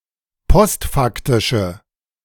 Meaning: inflection of postfaktisch: 1. strong/mixed nominative/accusative feminine singular 2. strong nominative/accusative plural 3. weak nominative all-gender singular
- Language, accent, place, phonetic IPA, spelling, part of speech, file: German, Germany, Berlin, [ˈpɔstˌfaktɪʃə], postfaktische, adjective, De-postfaktische.ogg